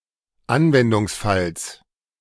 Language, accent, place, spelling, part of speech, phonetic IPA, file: German, Germany, Berlin, Anwendungsfalls, noun, [ˈanvɛndʊŋsˌfals], De-Anwendungsfalls.ogg
- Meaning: genitive singular of Anwendungsfall